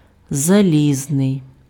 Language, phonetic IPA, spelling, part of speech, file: Ukrainian, [zɐˈlʲiznei̯], залізний, adjective, Uk-залізний.ogg
- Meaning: iron